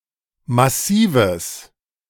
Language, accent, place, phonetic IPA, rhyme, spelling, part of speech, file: German, Germany, Berlin, [maˈsiːvəs], -iːvəs, massives, adjective, De-massives.ogg
- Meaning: strong/mixed nominative/accusative neuter singular of massiv